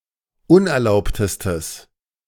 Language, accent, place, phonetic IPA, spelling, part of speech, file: German, Germany, Berlin, [ˈʊnʔɛɐ̯ˌlaʊ̯ptəstəs], unerlaubtestes, adjective, De-unerlaubtestes.ogg
- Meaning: strong/mixed nominative/accusative neuter singular superlative degree of unerlaubt